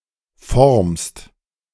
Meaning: second-person singular present of formen
- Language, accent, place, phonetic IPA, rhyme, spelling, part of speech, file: German, Germany, Berlin, [fɔʁmst], -ɔʁmst, formst, verb, De-formst.ogg